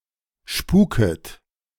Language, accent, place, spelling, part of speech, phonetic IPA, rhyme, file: German, Germany, Berlin, spuket, verb, [ˈʃpuːkət], -uːkət, De-spuket.ogg
- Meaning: second-person plural subjunctive I of spuken